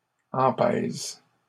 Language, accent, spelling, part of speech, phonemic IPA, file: French, Canada, empèse, verb, /ɑ̃.pɛz/, LL-Q150 (fra)-empèse.wav
- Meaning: inflection of empeser: 1. first/third-person singular present indicative/subjunctive 2. second-person singular imperative